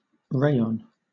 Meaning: A manufactured regenerated cellulosic fiber
- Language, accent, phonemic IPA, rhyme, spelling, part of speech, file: English, Southern England, /ˈɹeɪɒn/, -eɪɒn, rayon, noun, LL-Q1860 (eng)-rayon.wav